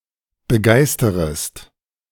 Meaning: second-person singular subjunctive I of begeistern
- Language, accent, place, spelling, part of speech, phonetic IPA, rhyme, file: German, Germany, Berlin, begeisterest, verb, [bəˈɡaɪ̯stəʁəst], -aɪ̯stəʁəst, De-begeisterest.ogg